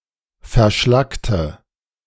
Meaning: inflection of verschlackt: 1. strong/mixed nominative/accusative feminine singular 2. strong nominative/accusative plural 3. weak nominative all-gender singular
- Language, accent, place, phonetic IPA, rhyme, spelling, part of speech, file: German, Germany, Berlin, [fɛɐ̯ˈʃlaktə], -aktə, verschlackte, adjective / verb, De-verschlackte.ogg